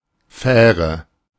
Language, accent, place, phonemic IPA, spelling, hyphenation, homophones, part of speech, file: German, Germany, Berlin, /ˈfɛːrə/, Fähre, Fäh‧re, faire, noun, De-Fähre.ogg
- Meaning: ferry